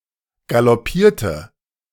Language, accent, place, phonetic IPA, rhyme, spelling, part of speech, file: German, Germany, Berlin, [ɡalɔˈpiːɐ̯tə], -iːɐ̯tə, galoppierte, verb, De-galoppierte.ogg
- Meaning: inflection of galoppieren: 1. first/third-person singular preterite 2. first/third-person singular subjunctive II